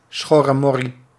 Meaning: scum, thugs, riffraff
- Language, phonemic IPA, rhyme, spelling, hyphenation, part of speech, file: Dutch, /ˌsxɔ.rəˈmɔ.ri/, -ɔri, schorremorrie, schor‧re‧mor‧rie, noun, Nl-schorremorrie.ogg